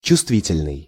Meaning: sensitive
- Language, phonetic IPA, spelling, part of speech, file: Russian, [t͡ɕʊstˈvʲitʲɪlʲnɨj], чувствительный, adjective, Ru-чувствительный.ogg